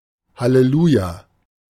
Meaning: hallelujah
- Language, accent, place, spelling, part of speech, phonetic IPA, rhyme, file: German, Germany, Berlin, Halleluja, noun, [haleˈluːja], -uːja, De-Halleluja.ogg